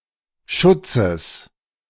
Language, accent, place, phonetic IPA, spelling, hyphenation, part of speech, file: German, Germany, Berlin, [ˈʃʊt͡səs], Schutzes, Schut‧zes, noun, De-Schutzes.ogg
- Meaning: genitive singular of Schutz